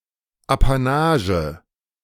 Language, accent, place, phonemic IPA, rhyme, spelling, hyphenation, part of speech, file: German, Germany, Berlin, /apaˈnaːʒə/, -aːʒə, Apanage, Apa‧na‧ge, noun, De-Apanage.ogg
- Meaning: 1. apanage 2. allowance (financial support)